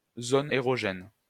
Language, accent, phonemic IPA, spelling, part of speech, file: French, France, /zɔ.n‿e.ʁɔ.ʒɛn/, zone érogène, noun, LL-Q150 (fra)-zone érogène.wav
- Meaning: erogenous zone